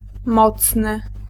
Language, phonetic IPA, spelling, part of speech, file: Polish, [ˈmɔt͡snɨ], mocny, adjective, Pl-mocny.ogg